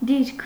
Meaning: position
- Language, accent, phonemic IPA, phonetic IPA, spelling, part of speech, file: Armenian, Eastern Armenian, /diɾkʰ/, [diɾkʰ], դիրք, noun, Hy-դիրք.ogg